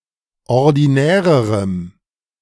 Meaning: strong dative masculine/neuter singular comparative degree of ordinär
- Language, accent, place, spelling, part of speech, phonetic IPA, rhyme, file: German, Germany, Berlin, ordinärerem, adjective, [ɔʁdiˈnɛːʁəʁəm], -ɛːʁəʁəm, De-ordinärerem.ogg